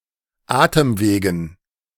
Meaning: dative plural of Atemweg
- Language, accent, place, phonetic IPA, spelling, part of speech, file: German, Germany, Berlin, [ˈaːtəmˌveːɡn̩], Atemwegen, noun, De-Atemwegen.ogg